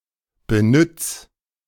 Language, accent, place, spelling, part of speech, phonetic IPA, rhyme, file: German, Germany, Berlin, benütz, verb, [bəˈnʏt͡s], -ʏt͡s, De-benütz.ogg
- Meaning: 1. singular imperative of benützen 2. first-person singular present of benützen